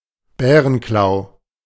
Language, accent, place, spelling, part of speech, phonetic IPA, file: German, Germany, Berlin, Bärenklau, noun, [ˈbɛːʁənklaʊ̯], De-Bärenklau.ogg
- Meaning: 1. hogweed (plant of the genus Heracleum) 2. bear's breech (plant of the genus Acanthus)